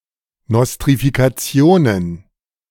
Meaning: plural of Nostrifikation
- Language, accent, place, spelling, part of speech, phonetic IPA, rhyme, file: German, Germany, Berlin, Nostrifikationen, noun, [ˌnɔstʁifikaˈt͡si̯oːnən], -oːnən, De-Nostrifikationen.ogg